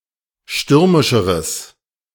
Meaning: strong/mixed nominative/accusative neuter singular comparative degree of stürmisch
- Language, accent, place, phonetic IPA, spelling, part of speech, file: German, Germany, Berlin, [ˈʃtʏʁmɪʃəʁəs], stürmischeres, adjective, De-stürmischeres.ogg